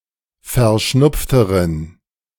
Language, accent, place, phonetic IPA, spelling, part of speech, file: German, Germany, Berlin, [fɛɐ̯ˈʃnʊp͡ftəʁən], verschnupfteren, adjective, De-verschnupfteren.ogg
- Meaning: inflection of verschnupft: 1. strong genitive masculine/neuter singular comparative degree 2. weak/mixed genitive/dative all-gender singular comparative degree